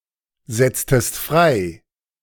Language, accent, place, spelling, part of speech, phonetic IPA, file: German, Germany, Berlin, setztest frei, verb, [ˌzɛt͡stəst ˈfʁaɪ̯], De-setztest frei.ogg
- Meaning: inflection of freisetzen: 1. second-person singular preterite 2. second-person singular subjunctive II